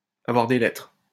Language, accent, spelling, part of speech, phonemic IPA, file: French, France, avoir des lettres, verb, /a.vwaʁ de lɛtʁ/, LL-Q150 (fra)-avoir des lettres.wav
- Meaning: to be well-read